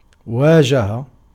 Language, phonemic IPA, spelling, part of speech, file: Arabic, /waː.d͡ʒa.ha/, واجه, verb, Ar-واجه.ogg
- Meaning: to face, to be confronted with, to confront